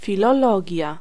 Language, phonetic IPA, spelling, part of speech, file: Polish, [ˌfʲilɔˈlɔɟja], filologia, noun, Pl-filologia.ogg